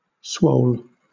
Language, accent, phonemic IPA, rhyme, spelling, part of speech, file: English, Southern England, /swəʊl/, -əʊl, swole, adjective / verb, LL-Q1860 (eng)-swole.wav
- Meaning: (adjective) 1. Swollen, enlarged 2. Swollen, enlarged.: Of a person: having large, well-developed muscles; muscular